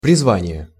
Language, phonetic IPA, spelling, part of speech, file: Russian, [prʲɪzˈvanʲɪje], призвание, noun, Ru-призвание.ogg
- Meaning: 1. vocation, calling 2. mission